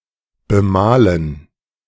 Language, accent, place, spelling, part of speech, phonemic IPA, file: German, Germany, Berlin, bemalen, verb, /bəˈmaːlən/, De-bemalen.ogg
- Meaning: to paint (to add paint to)